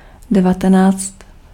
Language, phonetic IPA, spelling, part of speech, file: Czech, [ˈdɛvatɛnaːt͡st], devatenáct, numeral, Cs-devatenáct.ogg
- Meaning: nineteen (19)